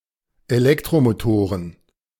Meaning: plural of Elektromotor
- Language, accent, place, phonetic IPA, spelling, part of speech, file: German, Germany, Berlin, [eˈlɛktʁomoˌtoːʁən], Elektromotoren, noun, De-Elektromotoren.ogg